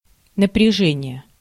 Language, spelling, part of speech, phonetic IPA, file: Russian, напряжение, noun, [nəprʲɪˈʐɛnʲɪje], Ru-напряжение.ogg
- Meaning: 1. effort, exertion 2. tension, strain, stress (force) 3. voltage